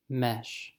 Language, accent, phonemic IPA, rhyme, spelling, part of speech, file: English, US, /mɛʃ/, -ɛʃ, mesh, noun / verb, En-us-mesh.ogg
- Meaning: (noun) A structure made of connected strands of metal, fiber, or other flexible/ductile material, with evenly spaced openings between them